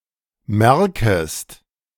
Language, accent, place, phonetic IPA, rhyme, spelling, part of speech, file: German, Germany, Berlin, [ˈmɛʁkəst], -ɛʁkəst, merkest, verb, De-merkest.ogg
- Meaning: second-person singular subjunctive I of merken